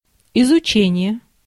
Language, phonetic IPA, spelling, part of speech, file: Russian, [ɪzʊˈt͡ɕenʲɪje], изучение, noun, Ru-изучение.ogg
- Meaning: studying (of a particular subject), exploration